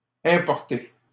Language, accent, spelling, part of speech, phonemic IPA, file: French, Canada, importé, verb, /ɛ̃.pɔʁ.te/, LL-Q150 (fra)-importé.wav
- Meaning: past participle of importer